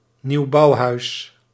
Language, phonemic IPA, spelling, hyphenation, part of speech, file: Dutch, /ˈniu̯.bɑu̯ˌɦœy̯s/, nieuwbouwhuis, nieuw‧bouw‧huis, noun, Nl-nieuwbouwhuis.ogg
- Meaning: a newly developed house, a recently built house